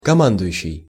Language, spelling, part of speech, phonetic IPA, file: Russian, командующий, verb / noun, [kɐˈmandʊjʉɕːɪj], Ru-командующий.ogg
- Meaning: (verb) present active imperfective participle of кома́ндовать (komándovatʹ); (noun) commander